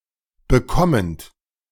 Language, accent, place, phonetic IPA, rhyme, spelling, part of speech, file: German, Germany, Berlin, [bəˈkɔmənt], -ɔmənt, bekommend, verb, De-bekommend.ogg
- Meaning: present participle of bekommen